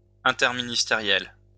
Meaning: interministerial
- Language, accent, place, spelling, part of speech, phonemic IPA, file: French, France, Lyon, interministériel, adjective, /ɛ̃.tɛʁ.mi.nis.te.ʁjɛl/, LL-Q150 (fra)-interministériel.wav